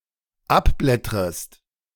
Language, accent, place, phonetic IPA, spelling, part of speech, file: German, Germany, Berlin, [ˈapˌblɛtʁəst], abblättrest, verb, De-abblättrest.ogg
- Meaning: second-person singular dependent subjunctive I of abblättern